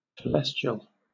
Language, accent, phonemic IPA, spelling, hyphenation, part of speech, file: English, Southern England, /təˈlɛst͡ʃəl/, telestial, te‧les‧ti‧al, adjective, LL-Q1860 (eng)-telestial.wav
- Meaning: Of or pertaining to the lowest degree of glory